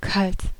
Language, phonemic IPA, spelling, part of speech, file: German, /kalt/, kalt, adjective / adverb, De-kalt.ogg
- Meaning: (adjective) 1. cold, chilly; the physical perception of something (objects, weather, body etc.) to have a low temperature 2. calm, restrained, passionless